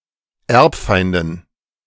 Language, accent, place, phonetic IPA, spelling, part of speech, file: German, Germany, Berlin, [ˈɛʁpˌfaɪ̯ndn̩], Erbfeinden, noun, De-Erbfeinden.ogg
- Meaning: dative plural of Erbfeind